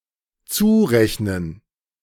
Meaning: 1. to apportion, to impute, to assign, to ascribe 2. to account for, to classify as
- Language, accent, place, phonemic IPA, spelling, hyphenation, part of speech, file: German, Germany, Berlin, /ˈt͡suːˌʁɛçnən/, zurechnen, zu‧rech‧nen, verb, De-zurechnen.ogg